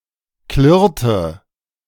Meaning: inflection of klirren: 1. first/third-person singular preterite 2. first/third-person singular subjunctive II
- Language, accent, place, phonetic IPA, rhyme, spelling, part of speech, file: German, Germany, Berlin, [ˈklɪʁtə], -ɪʁtə, klirrte, verb, De-klirrte.ogg